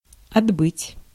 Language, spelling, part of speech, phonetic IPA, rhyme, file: Russian, отбыть, verb, [ɐdˈbɨtʲ], -ɨtʲ, Ru-отбыть.ogg
- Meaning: 1. to depart (from or for) 2. to complete (a prison sentence, military duty, etc.)